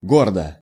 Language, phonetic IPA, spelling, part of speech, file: Russian, [ˈɡordə], гордо, adverb / adjective, Ru-гордо.ogg
- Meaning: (adverb) proudly; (adjective) short neuter singular of го́рдый (górdyj)